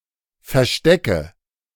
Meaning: nominative/accusative/genitive plural of Versteck
- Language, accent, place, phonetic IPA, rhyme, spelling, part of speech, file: German, Germany, Berlin, [fɛɐ̯ˈʃtɛkə], -ɛkə, Verstecke, noun, De-Verstecke.ogg